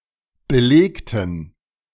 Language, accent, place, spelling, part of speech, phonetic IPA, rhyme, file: German, Germany, Berlin, belegten, adjective / verb, [bəˈleːktn̩], -eːktn̩, De-belegten.ogg
- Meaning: inflection of belegt: 1. strong genitive masculine/neuter singular 2. weak/mixed genitive/dative all-gender singular 3. strong/weak/mixed accusative masculine singular 4. strong dative plural